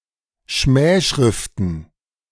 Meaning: plural of Schmähschrift
- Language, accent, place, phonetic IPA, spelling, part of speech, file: German, Germany, Berlin, [ˈʃmɛːˌʃʁɪftn̩], Schmähschriften, noun, De-Schmähschriften.ogg